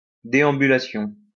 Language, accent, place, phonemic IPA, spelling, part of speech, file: French, France, Lyon, /de.ɑ̃.by.la.sjɔ̃/, déambulation, noun, LL-Q150 (fra)-déambulation.wav
- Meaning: stroll, strolling